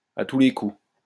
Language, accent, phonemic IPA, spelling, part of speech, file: French, France, /a tu le ku/, à tous les coups, adverb, LL-Q150 (fra)-à tous les coups.wav
- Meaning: surely; I bet you